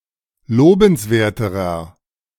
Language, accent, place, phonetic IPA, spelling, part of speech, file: German, Germany, Berlin, [ˈloːbn̩sˌveːɐ̯təʁɐ], lobenswerterer, adjective, De-lobenswerterer.ogg
- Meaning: inflection of lobenswert: 1. strong/mixed nominative masculine singular comparative degree 2. strong genitive/dative feminine singular comparative degree 3. strong genitive plural comparative degree